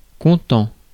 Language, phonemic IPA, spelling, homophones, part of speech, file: French, /kɔ̃.tɑ̃/, content, comptant / contant / contents, adjective, Fr-content.ogg
- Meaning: content, satisfied, pleased